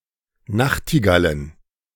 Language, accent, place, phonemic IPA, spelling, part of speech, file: German, Germany, Berlin, /ˈnaxtiɡalən/, Nachtigallen, noun, De-Nachtigallen.ogg
- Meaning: plural of Nachtigall